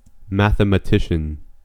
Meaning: An expert on mathematics; someone who studies mathematics
- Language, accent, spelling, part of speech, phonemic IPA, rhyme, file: English, US, mathematician, noun, /ˌmæθ.(ə.)məˈtɪʃ.ən/, -ɪʃən, En-us-mathematician.ogg